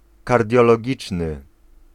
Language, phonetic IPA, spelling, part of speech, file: Polish, [ˌkardʲjɔlɔˈɟit͡ʃnɨ], kardiologiczny, adjective, Pl-kardiologiczny.ogg